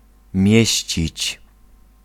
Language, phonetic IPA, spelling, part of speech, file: Polish, [ˈmʲjɛ̇ɕt͡ɕit͡ɕ], mieścić, verb, Pl-mieścić.ogg